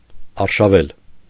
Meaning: to run with an intention to attack; to raid, invade
- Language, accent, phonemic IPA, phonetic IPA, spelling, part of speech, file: Armenian, Eastern Armenian, /ɑɾʃɑˈvel/, [ɑɾʃɑvél], արշավել, verb, Hy-արշավել.ogg